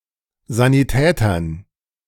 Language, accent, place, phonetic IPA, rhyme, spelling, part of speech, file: German, Germany, Berlin, [ˌzaniˈtɛːtɐn], -ɛːtɐn, Sanitätern, noun, De-Sanitätern.ogg
- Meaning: dative plural of Sanitäter